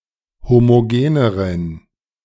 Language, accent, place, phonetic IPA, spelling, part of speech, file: German, Germany, Berlin, [ˌhomoˈɡeːnəʁən], homogeneren, adjective, De-homogeneren.ogg
- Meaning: inflection of homogen: 1. strong genitive masculine/neuter singular comparative degree 2. weak/mixed genitive/dative all-gender singular comparative degree